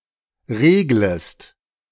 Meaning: second-person singular subjunctive I of regeln
- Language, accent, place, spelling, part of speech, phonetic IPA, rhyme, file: German, Germany, Berlin, reglest, verb, [ˈʁeːɡləst], -eːɡləst, De-reglest.ogg